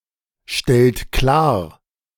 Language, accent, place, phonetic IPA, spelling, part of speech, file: German, Germany, Berlin, [ˌʃtɛlt ˈklaːɐ̯], stellt klar, verb, De-stellt klar.ogg
- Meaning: inflection of klarstellen: 1. second-person plural present 2. third-person singular present 3. plural imperative